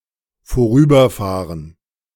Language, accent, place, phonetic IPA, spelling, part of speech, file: German, Germany, Berlin, [foˈʁyːbɐˌfaːʁən], vorüberfahren, verb, De-vorüberfahren.ogg
- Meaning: to drive past